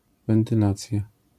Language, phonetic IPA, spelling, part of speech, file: Polish, [ˌvɛ̃ntɨˈlat͡sʲja], wentylacja, noun, LL-Q809 (pol)-wentylacja.wav